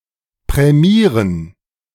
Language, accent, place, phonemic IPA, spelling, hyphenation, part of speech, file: German, Germany, Berlin, /pʁɛˈmiːʁən/, prämieren, prä‧mie‧ren, verb, De-prämieren.ogg
- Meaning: to award a prize